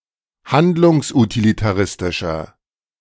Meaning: inflection of handlungsutilitaristisch: 1. strong/mixed nominative masculine singular 2. strong genitive/dative feminine singular 3. strong genitive plural
- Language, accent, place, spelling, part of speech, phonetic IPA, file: German, Germany, Berlin, handlungsutilitaristischer, adjective, [ˈhandlʊŋsʔutilitaˌʁɪstɪʃɐ], De-handlungsutilitaristischer.ogg